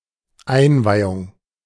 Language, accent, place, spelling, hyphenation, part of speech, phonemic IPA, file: German, Germany, Berlin, Einweihung, Ein‧wei‧hung, noun, /ˈaɪ̯nˌvaɪ̯ʊŋ/, De-Einweihung.ogg
- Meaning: 1. inauguration 2. initiation